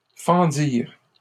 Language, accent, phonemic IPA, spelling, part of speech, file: French, Canada, /fɑ̃.diʁ/, fendirent, verb, LL-Q150 (fra)-fendirent.wav
- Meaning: third-person plural past historic of fendre